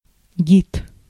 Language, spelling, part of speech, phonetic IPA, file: Russian, гид, noun, [ɡʲit], Ru-гид.ogg
- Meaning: guide (someone who guides, especially someone hired to show people around a place)